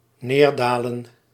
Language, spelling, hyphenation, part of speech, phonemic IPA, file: Dutch, neerdalen, neer‧da‧len, verb, /ˈneːrdaːlə(n)/, Nl-neerdalen.ogg
- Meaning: to descend, to go down